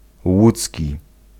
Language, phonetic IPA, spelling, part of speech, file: Polish, [ˈwut͡sʲci], łódzki, adjective, Pl-łódzki.ogg